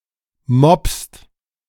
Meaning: second-person singular present of moppen
- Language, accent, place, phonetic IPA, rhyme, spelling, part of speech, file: German, Germany, Berlin, [mɔpst], -ɔpst, moppst, verb, De-moppst.ogg